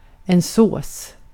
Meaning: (noun) 1. sauce 2. sauce: gravy 3. semen 4. indefinite genitive singular of så; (verb) 1. passive infinitive of så 2. present passive of så
- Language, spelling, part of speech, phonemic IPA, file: Swedish, sås, noun / verb, /ˈsoːs/, Sv-sås.ogg